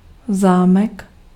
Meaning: 1. lock (something used for fastening) 2. château, castle (French-style castle), palace, manor house
- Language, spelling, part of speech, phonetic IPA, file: Czech, zámek, noun, [ˈzaːmɛk], Cs-zámek.ogg